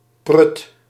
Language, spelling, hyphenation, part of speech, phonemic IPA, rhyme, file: Dutch, prut, prut, interjection / noun, /prʏt/, -ʏt, Nl-prut.ogg
- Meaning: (interjection) 1. Sound of a thick, almost-solid substance 2. cheers; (noun) any substance with a thick, gooey or almost-solid consistency, such as: 1. gunk, mud 2. slush (of snow)